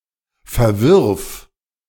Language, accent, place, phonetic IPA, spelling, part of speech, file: German, Germany, Berlin, [fɛɐ̯ˈvɪʁf], verwirf, verb, De-verwirf.ogg
- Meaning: singular imperative of verwerfen